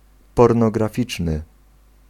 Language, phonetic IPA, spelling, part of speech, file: Polish, [ˌpɔrnɔɡraˈfʲit͡ʃnɨ], pornograficzny, adjective, Pl-pornograficzny.ogg